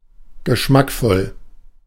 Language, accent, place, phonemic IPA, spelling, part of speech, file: German, Germany, Berlin, /ɡəˈʃmakˌfɔl/, geschmackvoll, adjective, De-geschmackvoll.ogg
- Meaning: tasteful